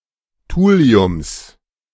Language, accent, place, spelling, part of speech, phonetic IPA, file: German, Germany, Berlin, Thuliums, noun, [ˈtuːli̯ʊms], De-Thuliums.ogg
- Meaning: genitive singular of Thulium